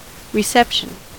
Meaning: 1. The act of receiving 2. The act or ability to receive radio or similar signals 3. A social engagement, usually to formally welcome someone
- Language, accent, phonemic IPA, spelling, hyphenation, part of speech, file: English, US, /ɹɪˈsɛp.ʃn̩/, reception, re‧cep‧tion, noun, En-us-reception.ogg